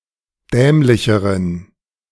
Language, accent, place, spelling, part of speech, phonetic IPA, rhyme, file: German, Germany, Berlin, dämlicheren, adjective, [ˈdɛːmlɪçəʁən], -ɛːmlɪçəʁən, De-dämlicheren.ogg
- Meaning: inflection of dämlich: 1. strong genitive masculine/neuter singular comparative degree 2. weak/mixed genitive/dative all-gender singular comparative degree